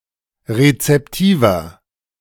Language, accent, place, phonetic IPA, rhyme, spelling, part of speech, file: German, Germany, Berlin, [ʁet͡sɛpˈtiːvɐ], -iːvɐ, rezeptiver, adjective, De-rezeptiver.ogg
- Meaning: 1. comparative degree of rezeptiv 2. inflection of rezeptiv: strong/mixed nominative masculine singular 3. inflection of rezeptiv: strong genitive/dative feminine singular